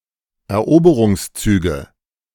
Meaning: nominative/accusative/genitive plural of Eroberungszug
- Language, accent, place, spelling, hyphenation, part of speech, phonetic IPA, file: German, Germany, Berlin, Eroberungszüge, Er‧obe‧rungs‧zü‧ge, noun, [ɛɐ̯ˈʔoːbəʀʊŋsˌt͡syːɡə], De-Eroberungszüge.ogg